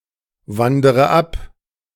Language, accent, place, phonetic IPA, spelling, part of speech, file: German, Germany, Berlin, [ˌvandəʁə ˈap], wandere ab, verb, De-wandere ab.ogg
- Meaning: inflection of abwandern: 1. first-person singular present 2. first/third-person singular subjunctive I 3. singular imperative